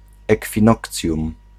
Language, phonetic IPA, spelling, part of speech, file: Polish, [ˌɛkfʲĩˈnɔkt͡sʲjũm], ekwinokcjum, noun, Pl-ekwinokcjum.ogg